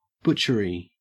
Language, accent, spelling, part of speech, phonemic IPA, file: English, Australia, butchery, noun, /ˈbʊt͡ʃəɹi/, En-au-butchery.ogg
- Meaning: 1. The butchering of meat 2. A butcher's shop; a meat market 3. The cruel, ruthless killings of humans, as if at a slaughterhouse 4. An abattoir 5. A disastrous effort, an atrocious failure